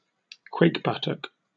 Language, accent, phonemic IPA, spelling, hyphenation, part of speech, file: English, Received Pronunciation, /ˈkweɪkˌbʌtək/, quakebuttock, quake‧but‧tock, noun, En-uk-quakebuttock.oga
- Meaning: A coward